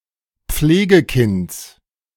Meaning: genitive singular of Pflegekind
- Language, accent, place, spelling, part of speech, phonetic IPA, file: German, Germany, Berlin, Pflegekinds, noun, [ˈp͡fleːɡəˌkɪnt͡s], De-Pflegekinds.ogg